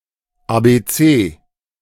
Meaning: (adjective) initialism of atomar, biologisch und chemisch (“NBC”); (noun) nonstandard form of Abc
- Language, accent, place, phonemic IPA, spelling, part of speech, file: German, Germany, Berlin, /ˌa(ː)beˈtseː/, ABC, adjective / noun, De-ABC.ogg